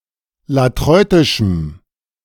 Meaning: strong dative masculine/neuter singular of latreutisch
- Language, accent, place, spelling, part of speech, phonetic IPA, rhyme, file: German, Germany, Berlin, latreutischem, adjective, [laˈtʁɔɪ̯tɪʃm̩], -ɔɪ̯tɪʃm̩, De-latreutischem.ogg